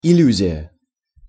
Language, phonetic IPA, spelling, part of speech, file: Russian, [ɪˈlʲ(ː)ʉzʲɪjə], иллюзия, noun, Ru-иллюзия.ogg
- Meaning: illusion (anything that seems to be something that it is not)